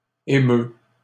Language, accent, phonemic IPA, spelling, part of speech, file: French, Canada, /e.mø/, émeut, verb, LL-Q150 (fra)-émeut.wav
- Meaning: third-person singular present indicative of émouvoir